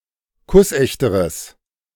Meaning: strong/mixed nominative/accusative neuter singular comparative degree of kussecht
- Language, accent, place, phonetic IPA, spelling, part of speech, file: German, Germany, Berlin, [ˈkʊsˌʔɛçtəʁəs], kussechteres, adjective, De-kussechteres.ogg